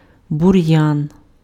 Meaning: weed
- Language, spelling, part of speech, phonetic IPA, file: Ukrainian, бур'ян, noun, [bʊˈrjan], Uk-бур'ян.ogg